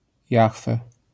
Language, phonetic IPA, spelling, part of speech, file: Polish, [ˈjaxfɛ], Jahwe, proper noun, LL-Q809 (pol)-Jahwe.wav